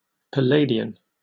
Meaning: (adjective) Of or relating to Pallas, an epithet of Athena, the goddess of wisdom, and potentially to other female Greek figures such as Pallas the daughter of Triton and granddaughter of Poseidon
- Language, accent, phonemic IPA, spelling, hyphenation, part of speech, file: English, Received Pronunciation, /pəˈleɪdɪən/, Palladian, Pal‧lad‧i‧an, adjective / noun, En-uk-Palladian.oga